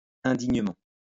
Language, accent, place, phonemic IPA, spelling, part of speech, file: French, France, Lyon, /ɛ̃.diɲ.mɑ̃/, indignement, adverb, LL-Q150 (fra)-indignement.wav
- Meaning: disgracefully